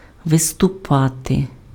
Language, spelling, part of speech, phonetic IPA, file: Ukrainian, виступати, verb, [ʋestʊˈpate], Uk-виступати.ogg
- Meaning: 1. to step forth, to step forward, to come forward 2. to appear (make an appearance; come before the public) 3. to perform (do something in front of an audience)